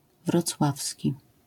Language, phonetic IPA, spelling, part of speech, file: Polish, [vrɔt͡sˈwafsʲci], wrocławski, adjective, LL-Q809 (pol)-wrocławski.wav